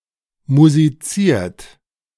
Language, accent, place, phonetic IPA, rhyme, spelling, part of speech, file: German, Germany, Berlin, [muziˈt͡siːɐ̯t], -iːɐ̯t, musiziert, verb, De-musiziert.ogg
- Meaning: 1. past participle of musizieren 2. inflection of musizieren: second-person plural present 3. inflection of musizieren: third-person singular present 4. inflection of musizieren: plural imperative